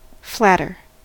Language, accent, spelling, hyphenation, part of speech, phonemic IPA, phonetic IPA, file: English, US, flatter, flat‧ter, adjective / verb / noun, /ˈflætɚ/, [ˈflæɾɚ], En-us-flatter.ogg
- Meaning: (adjective) comparative form of flat: more flat; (verb) To compliment someone, often (but not necessarily) insincerely and sometimes to win favour